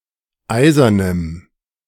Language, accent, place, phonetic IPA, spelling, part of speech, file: German, Germany, Berlin, [ˈaɪ̯zɐnəm], eisernem, adjective, De-eisernem.ogg
- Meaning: strong dative masculine/neuter singular of eisern